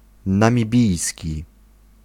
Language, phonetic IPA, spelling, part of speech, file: Polish, [ˌnãmʲiˈbʲijsʲci], namibijski, adjective, Pl-namibijski.ogg